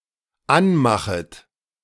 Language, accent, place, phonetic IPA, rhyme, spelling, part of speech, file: German, Germany, Berlin, [ˈanˌmaxət], -anmaxət, anmachet, verb, De-anmachet.ogg
- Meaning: second-person plural dependent subjunctive I of anmachen